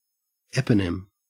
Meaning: 1. A person who gave or supposedly gave their name to a people, place, institution, etc 2. Something that is named after a person 3. A name taken from a person, a namesake toponym, term, etc
- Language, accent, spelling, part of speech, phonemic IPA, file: English, Australia, eponym, noun, /ˈɛpənɪm/, En-au-eponym.ogg